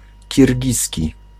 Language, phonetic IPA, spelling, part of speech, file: Polish, [cirʲˈɟisʲci], kirgiski, adjective / noun, Pl-kirgiski.ogg